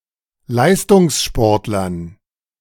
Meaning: dative plural of Leistungssportler
- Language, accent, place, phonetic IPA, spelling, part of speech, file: German, Germany, Berlin, [ˈlaɪ̯stʊŋsˌʃpɔʁtlɐn], Leistungssportlern, noun, De-Leistungssportlern.ogg